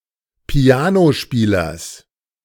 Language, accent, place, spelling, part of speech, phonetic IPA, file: German, Germany, Berlin, Pianospielers, noun, [ˈpi̯aːnoˌʃpiːlɐs], De-Pianospielers.ogg
- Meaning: genitive of Pianospieler